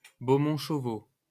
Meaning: a surname
- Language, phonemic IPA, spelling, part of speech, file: French, /ʃo.vo/, Chauveau, proper noun, LL-Q150 (fra)-Chauveau.wav